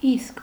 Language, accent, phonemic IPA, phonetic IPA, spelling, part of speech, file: Armenian, Eastern Armenian, /isk/, [isk], իսկ, conjunction / particle, Hy-իսկ.ogg
- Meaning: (conjunction) while, and, but; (particle) 1. even 2. very, precisely, exactly